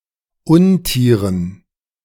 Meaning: dative plural of Untier
- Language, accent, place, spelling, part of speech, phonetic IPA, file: German, Germany, Berlin, Untieren, noun, [ˈʊnˌtiːʁən], De-Untieren.ogg